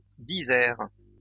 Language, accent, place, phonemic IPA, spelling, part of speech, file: French, France, Lyon, /di.zɛʁ/, disert, adjective, LL-Q150 (fra)-disert.wav
- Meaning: 1. eloquent, forthcoming 2. talkative